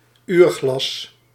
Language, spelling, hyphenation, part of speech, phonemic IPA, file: Dutch, uurglas, uur‧glas, noun, /ˈyːr.ɣlɑs/, Nl-uurglas.ogg
- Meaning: hourglass